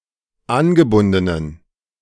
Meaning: inflection of angebunden: 1. strong genitive masculine/neuter singular 2. weak/mixed genitive/dative all-gender singular 3. strong/weak/mixed accusative masculine singular 4. strong dative plural
- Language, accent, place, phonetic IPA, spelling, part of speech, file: German, Germany, Berlin, [ˈanɡəˌbʊndənən], angebundenen, adjective, De-angebundenen.ogg